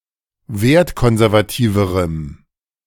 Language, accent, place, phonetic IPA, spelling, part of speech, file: German, Germany, Berlin, [ˈveːɐ̯tˌkɔnzɛʁvaˌtiːvəʁəm], wertkonservativerem, adjective, De-wertkonservativerem.ogg
- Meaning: strong dative masculine/neuter singular comparative degree of wertkonservativ